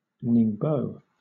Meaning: A port city, prefecture-level city, and subprovincial city in eastern Zhejiang, China
- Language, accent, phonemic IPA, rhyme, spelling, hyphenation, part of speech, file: English, Southern England, /nɪŋˈbəʊ/, -əʊ, Ningbo, Ning‧bo, proper noun, LL-Q1860 (eng)-Ningbo.wav